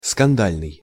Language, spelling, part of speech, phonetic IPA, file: Russian, скандальный, adjective, [skɐnˈdalʲnɨj], Ru-скандальный.ogg
- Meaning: 1. scandalous 2. quarrelsome, rowdy